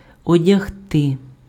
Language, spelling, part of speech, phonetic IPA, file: Ukrainian, одягти, verb, [ɔdʲɐɦˈtɪ], Uk-одягти.ogg
- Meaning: 1. to dress, to clothe 2. to put on, to don (garment, accessory)